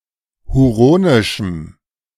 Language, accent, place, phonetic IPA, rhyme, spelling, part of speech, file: German, Germany, Berlin, [huˈʁoːnɪʃm̩], -oːnɪʃm̩, huronischem, adjective, De-huronischem.ogg
- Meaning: strong dative masculine/neuter singular of huronisch